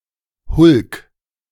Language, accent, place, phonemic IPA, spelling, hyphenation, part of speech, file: German, Germany, Berlin, /hʊlk/, Hulk, Hulk, noun, De-Hulk.ogg
- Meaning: hulk (ship type)